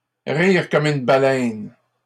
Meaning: laugh out loud; laugh one's head off; laugh like a drain
- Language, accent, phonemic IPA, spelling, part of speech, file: French, Canada, /ʁiʁ kɔm yn ba.lɛn/, rire comme une baleine, verb, LL-Q150 (fra)-rire comme une baleine.wav